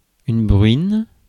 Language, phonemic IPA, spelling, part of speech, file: French, /bʁɥin/, bruine, noun / verb, Fr-bruine.ogg
- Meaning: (noun) drizzle (light rain); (verb) inflection of bruiner: 1. first/third-person singular present indicative/subjunctive 2. second-person singular imperative